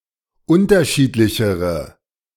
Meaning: inflection of unterschiedlich: 1. strong/mixed nominative/accusative feminine singular comparative degree 2. strong nominative/accusative plural comparative degree
- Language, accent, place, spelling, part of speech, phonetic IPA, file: German, Germany, Berlin, unterschiedlichere, adjective, [ˈʊntɐˌʃiːtlɪçəʁə], De-unterschiedlichere.ogg